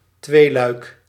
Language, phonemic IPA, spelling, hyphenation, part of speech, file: Dutch, /ˈtʋeː.lœy̯k/, tweeluik, twee‧luik, noun, Nl-tweeluik.ogg
- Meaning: 1. diptych 2. something in two (complementary) parts